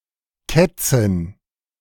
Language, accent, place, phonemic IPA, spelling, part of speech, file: German, Germany, Berlin, /ˈkɛtsɪn/, Kätzin, noun, De-Kätzin.ogg
- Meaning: female house cat